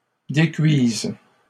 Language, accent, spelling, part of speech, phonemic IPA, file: French, Canada, décuise, verb, /de.kɥiz/, LL-Q150 (fra)-décuise.wav
- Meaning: first/third-person singular present subjunctive of décuire